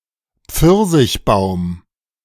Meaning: peachtree
- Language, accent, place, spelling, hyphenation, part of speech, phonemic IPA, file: German, Germany, Berlin, Pfirsichbaum, Pfir‧sich‧baum, noun, /ˈp͡fɪʁzɪçˌbaʊ̯m/, De-Pfirsichbaum.ogg